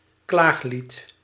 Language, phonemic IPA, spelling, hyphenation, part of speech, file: Dutch, /ˈklaːx.lit/, klaaglied, klaag‧lied, noun, Nl-klaaglied.ogg
- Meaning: elegy